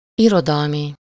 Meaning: literary
- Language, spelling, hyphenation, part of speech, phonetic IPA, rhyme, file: Hungarian, irodalmi, iro‧dal‧mi, adjective, [ˈirodɒlmi], -mi, Hu-irodalmi.ogg